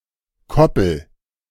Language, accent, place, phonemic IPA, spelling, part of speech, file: German, Germany, Berlin, /ˈkɔpl̩/, Koppel, noun, De-Koppel.ogg
- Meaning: 1. paddock 2. coupler